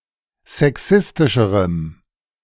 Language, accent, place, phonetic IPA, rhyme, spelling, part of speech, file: German, Germany, Berlin, [zɛˈksɪstɪʃəʁəm], -ɪstɪʃəʁəm, sexistischerem, adjective, De-sexistischerem.ogg
- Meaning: strong dative masculine/neuter singular comparative degree of sexistisch